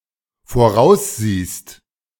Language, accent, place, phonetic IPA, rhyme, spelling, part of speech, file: German, Germany, Berlin, [foˈʁaʊ̯sˌziːst], -aʊ̯sziːst, voraussiehst, verb, De-voraussiehst.ogg
- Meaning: second-person singular dependent present of voraussehen